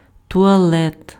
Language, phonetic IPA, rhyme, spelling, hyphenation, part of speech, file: Ukrainian, [tʊɐˈɫɛt], -ɛt, туалет, ту‧а‧лет, noun, Uk-туалет.ogg
- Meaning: 1. toilet, WC, restroom, lavatory 2. dress, attire 3. toilet, grooming (care for one's personal appearance)